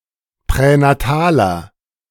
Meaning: inflection of pränatal: 1. strong/mixed nominative masculine singular 2. strong genitive/dative feminine singular 3. strong genitive plural
- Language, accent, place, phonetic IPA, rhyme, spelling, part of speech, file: German, Germany, Berlin, [pʁɛnaˈtaːlɐ], -aːlɐ, pränataler, adjective, De-pränataler.ogg